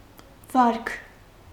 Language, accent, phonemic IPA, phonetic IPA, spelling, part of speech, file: Armenian, Eastern Armenian, /vɑɾkʰ/, [vɑɾkʰ], վարք, noun, Hy-վարք.ogg
- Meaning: behavior, conduct